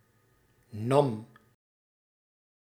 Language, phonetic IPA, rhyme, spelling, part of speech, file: Dutch, [nɑm], -ɑm, nam, verb, Nl-nam.ogg
- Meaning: singular past indicative of nemen